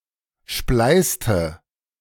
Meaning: inflection of spleißen: 1. first/third-person singular preterite 2. first/third-person singular subjunctive II
- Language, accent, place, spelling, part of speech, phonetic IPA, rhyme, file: German, Germany, Berlin, spleißte, verb, [ˈʃplaɪ̯stə], -aɪ̯stə, De-spleißte.ogg